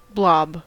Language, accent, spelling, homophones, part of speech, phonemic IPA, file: English, US, blob, BLOB, noun / verb, /blɑb/, En-us-blob.ogg
- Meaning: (noun) 1. A shapeless or amorphous mass; a vague shape or amount, especially of a liquid or semisolid substance; a clump, group or collection that lacks definite shape 2. A large cloud of gas